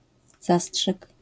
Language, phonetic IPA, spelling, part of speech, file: Polish, [ˈzasṭʃɨk], zastrzyk, noun, LL-Q809 (pol)-zastrzyk.wav